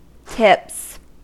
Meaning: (noun) 1. plural of tip 2. tag (a popular children's chasing game); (verb) third-person singular simple present indicative of tip
- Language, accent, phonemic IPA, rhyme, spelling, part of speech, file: English, US, /tɪps/, -ɪps, tips, noun / verb, En-us-tips.ogg